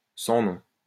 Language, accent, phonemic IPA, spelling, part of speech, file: French, France, /sɑ̃ nɔ̃/, sans nom, adjective, LL-Q150 (fra)-sans nom.wav
- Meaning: unspeakable, undescribable